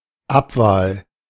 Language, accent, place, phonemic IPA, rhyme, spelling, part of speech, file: German, Germany, Berlin, /ˈapvaːl/, -aːl, Abwahl, noun, De-Abwahl.ogg
- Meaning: voting someone out of office